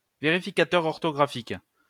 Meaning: spell checker
- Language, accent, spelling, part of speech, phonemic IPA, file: French, France, vérificateur orthographique, noun, /ve.ʁi.fi.ka.tœʁ ɔʁ.tɔ.ɡʁa.fik/, LL-Q150 (fra)-vérificateur orthographique.wav